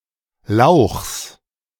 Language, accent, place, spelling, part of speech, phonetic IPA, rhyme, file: German, Germany, Berlin, Lauchs, noun, [laʊ̯xs], -aʊ̯xs, De-Lauchs.ogg
- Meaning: genitive singular of Lauch